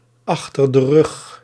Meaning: having ended in the recent past, especially for unpleasant things
- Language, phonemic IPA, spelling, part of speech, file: Dutch, /ˌɑx.tər də ˈrʏx/, achter de rug, prepositional phrase, Nl-achter de rug.ogg